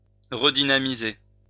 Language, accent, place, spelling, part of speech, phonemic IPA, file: French, France, Lyon, redynamiser, verb, /ʁə.di.na.mi.ze/, LL-Q150 (fra)-redynamiser.wav
- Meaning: to redynamize; to reinvigorate